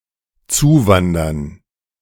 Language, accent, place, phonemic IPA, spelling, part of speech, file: German, Germany, Berlin, /ˈtsuːvandɐn/, zuwandern, verb, De-zuwandern.ogg
- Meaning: to immigrate